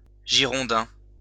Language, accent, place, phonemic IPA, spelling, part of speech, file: French, France, Lyon, /ʒi.ʁɔ̃.dɛ̃/, Girondin, noun, LL-Q150 (fra)-Girondin.wav
- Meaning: 1. Girondist 2. resident or native of the department of Gironde 3. someone connected with FC Girondins de Bordeaux, a football team in Bordeaux